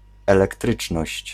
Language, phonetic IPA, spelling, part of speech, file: Polish, [ˌɛlɛkˈtrɨt͡ʃnɔɕt͡ɕ], elektryczność, noun, Pl-elektryczność.ogg